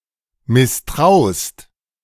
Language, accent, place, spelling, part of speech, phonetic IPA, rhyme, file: German, Germany, Berlin, misstraust, verb, [mɪsˈtʁaʊ̯st], -aʊ̯st, De-misstraust.ogg
- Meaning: second-person singular present of misstrauen